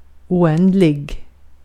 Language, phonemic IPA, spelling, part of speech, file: Swedish, /ʊˈɛndlɪ(ɡ)/, oändlig, adjective, Sv-oändlig.ogg
- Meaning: infinite